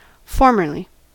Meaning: 1. at some time in the past 2. previously; once
- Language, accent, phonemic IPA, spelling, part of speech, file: English, US, /ˈfɔɹmɚli/, formerly, adverb, En-us-formerly.ogg